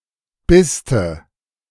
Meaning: contraction of bist + du
- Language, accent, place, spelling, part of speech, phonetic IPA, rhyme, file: German, Germany, Berlin, biste, abbreviation, [ˈbɪstə], -ɪstə, De-biste.ogg